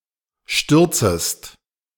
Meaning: second-person singular subjunctive I of stürzen
- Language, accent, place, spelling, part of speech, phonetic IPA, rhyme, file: German, Germany, Berlin, stürzest, verb, [ˈʃtʏʁt͡səst], -ʏʁt͡səst, De-stürzest.ogg